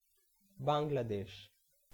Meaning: 1. Bangladesh (a country in South Asia) 2. Bengal, Bengali region; Bengali land
- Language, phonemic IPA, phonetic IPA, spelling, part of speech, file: Bengali, /baŋlad̪eʃ/, [ˈbaŋlad̪eʃ], বাংলাদেশ, proper noun, Bn-বাংলাদেশ.oga